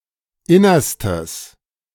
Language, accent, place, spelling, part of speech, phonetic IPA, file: German, Germany, Berlin, innerstes, adjective, [ˈɪnɐstəs], De-innerstes.ogg
- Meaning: strong/mixed nominative/accusative neuter singular superlative degree of inner